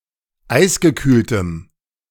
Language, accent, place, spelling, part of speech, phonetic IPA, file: German, Germany, Berlin, eisgekühltem, adjective, [ˈaɪ̯sɡəˌkyːltəm], De-eisgekühltem.ogg
- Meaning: strong dative masculine/neuter singular of eisgekühlt